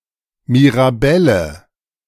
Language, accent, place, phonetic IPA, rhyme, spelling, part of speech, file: German, Germany, Berlin, [miʁaˈbɛlə], -ɛlə, Mirabelle, noun, De-Mirabelle.ogg
- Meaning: mirabelle plum, mirabelle prune